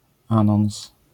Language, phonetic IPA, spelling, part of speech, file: Polish, [ˈãnɔ̃w̃s], anons, noun, LL-Q809 (pol)-anons.wav